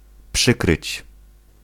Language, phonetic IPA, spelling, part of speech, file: Polish, [ˈpʃɨkrɨt͡ɕ], przykryć, verb, Pl-przykryć.ogg